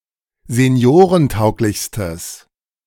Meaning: strong/mixed nominative/accusative neuter singular superlative degree of seniorentauglich
- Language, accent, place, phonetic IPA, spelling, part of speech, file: German, Germany, Berlin, [zeˈni̯oːʁənˌtaʊ̯klɪçstəs], seniorentauglichstes, adjective, De-seniorentauglichstes.ogg